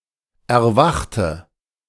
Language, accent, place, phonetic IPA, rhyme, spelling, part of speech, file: German, Germany, Berlin, [ɛɐ̯ˈvaxtə], -axtə, erwachte, adjective / verb, De-erwachte.ogg
- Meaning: inflection of erwachen: 1. first/third-person singular preterite 2. first/third-person singular subjunctive II